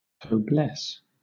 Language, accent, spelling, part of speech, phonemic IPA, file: English, Southern England, cobless, verb, /kəʊˈblɛs/, LL-Q1860 (eng)-cobless.wav
- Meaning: To bless along with another